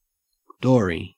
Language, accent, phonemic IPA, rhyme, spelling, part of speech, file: English, Australia, /ˈdɔːɹi/, -ɔːɹi, dory, noun, En-au-dory.ogg
- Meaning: A small flat-bottomed boat with pointed or somewhat pointed ends, used for fishing both offshore and on rivers